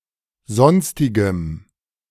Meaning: strong dative masculine/neuter singular of sonstig
- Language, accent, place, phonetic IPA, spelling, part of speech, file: German, Germany, Berlin, [ˈzɔnstɪɡəm], sonstigem, adjective, De-sonstigem.ogg